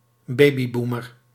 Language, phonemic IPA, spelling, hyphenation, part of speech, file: Dutch, /ˈbeː.biˌbuː.mər/, babyboomer, ba‧by‧boo‧mer, noun, Nl-babyboomer.ogg
- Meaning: baby boomer